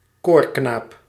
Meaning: 1. a boy chorister, especially a treble whose voice hasn't broken yet 2. a juvenile acolyte, who assists the officiating priest 3. an innocent, trustworthy male person, regardless of age
- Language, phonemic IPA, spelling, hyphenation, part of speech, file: Dutch, /ˈkoːr.knaːp/, koorknaap, koor‧knaap, noun, Nl-koorknaap.ogg